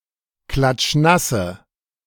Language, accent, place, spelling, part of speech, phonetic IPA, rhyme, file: German, Germany, Berlin, klatschnasse, adjective, [ˌklat͡ʃˈnasə], -asə, De-klatschnasse.ogg
- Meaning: inflection of klatschnass: 1. strong/mixed nominative/accusative feminine singular 2. strong nominative/accusative plural 3. weak nominative all-gender singular